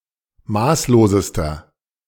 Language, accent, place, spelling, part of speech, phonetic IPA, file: German, Germany, Berlin, maßlosester, adjective, [ˈmaːsloːzəstɐ], De-maßlosester.ogg
- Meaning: inflection of maßlos: 1. strong/mixed nominative masculine singular superlative degree 2. strong genitive/dative feminine singular superlative degree 3. strong genitive plural superlative degree